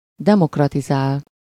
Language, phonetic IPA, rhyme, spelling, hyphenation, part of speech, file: Hungarian, [ˈdɛmokrɒtizaːl], -aːl, demokratizál, de‧mok‧ra‧ti‧zál, verb, Hu-demokratizál.ogg
- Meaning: to democratize